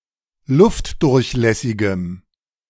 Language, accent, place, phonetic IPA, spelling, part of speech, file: German, Germany, Berlin, [ˈlʊftdʊʁçˌlɛsɪɡəm], luftdurchlässigem, adjective, De-luftdurchlässigem.ogg
- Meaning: strong dative masculine/neuter singular of luftdurchlässig